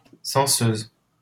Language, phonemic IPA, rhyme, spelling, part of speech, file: French, /sɑ̃.søz/, -øz, censeuse, noun, LL-Q150 (fra)-censeuse.wav
- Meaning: female equivalent of censeur